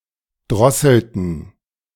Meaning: inflection of drosseln: 1. first/third-person plural preterite 2. first/third-person plural subjunctive II
- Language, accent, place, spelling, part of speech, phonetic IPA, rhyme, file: German, Germany, Berlin, drosselten, verb, [ˈdʁɔsl̩tn̩], -ɔsl̩tn̩, De-drosselten.ogg